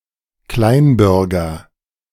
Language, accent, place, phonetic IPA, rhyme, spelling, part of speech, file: German, Germany, Berlin, [ˈklaɪ̯nˌbʏʁɡɐ], -aɪ̯nbʏʁɡɐ, Kleinbürger, noun, De-Kleinbürger.ogg
- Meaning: Member of the petite bourgeoisie. (male or of unspecified gender)